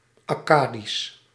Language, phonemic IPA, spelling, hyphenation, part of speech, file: Dutch, /ˌɑˈkaː.dis/, Akkadisch, Ak‧ka‧disch, proper noun / adjective, Nl-Akkadisch.ogg
- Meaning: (proper noun) Akkadian